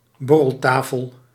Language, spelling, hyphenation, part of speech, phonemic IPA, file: Dutch, borreltafel, bor‧rel‧ta‧fel, noun, /ˈbɔ.rəlˌtaː.fəl/, Nl-borreltafel.ogg
- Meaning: 1. salon table, table used for having drinks 2. a place or situation where lowbrow conversation takes place, often under influence